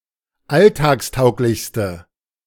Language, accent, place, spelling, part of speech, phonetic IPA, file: German, Germany, Berlin, alltagstauglichste, adjective, [ˈaltaːksˌtaʊ̯klɪçstə], De-alltagstauglichste.ogg
- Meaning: inflection of alltagstauglich: 1. strong/mixed nominative/accusative feminine singular superlative degree 2. strong nominative/accusative plural superlative degree